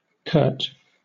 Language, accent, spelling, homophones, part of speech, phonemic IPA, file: English, Southern England, Kurt, curt, proper noun, /kɜːt/, LL-Q1860 (eng)-Kurt.wav
- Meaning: A male given name from the Germanic languages borrowed from German, a contracted form of Konrad